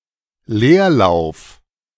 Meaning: 1. neutral gear 2. running in place
- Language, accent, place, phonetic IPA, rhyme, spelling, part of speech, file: German, Germany, Berlin, [ˈleːɐ̯ˌlaʊ̯f], -eːɐ̯laʊ̯f, Leerlauf, noun, De-Leerlauf.ogg